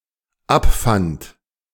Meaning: first/third-person singular dependent preterite of abfinden
- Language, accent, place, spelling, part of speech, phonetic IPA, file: German, Germany, Berlin, abfand, verb, [ˈapˌfant], De-abfand.ogg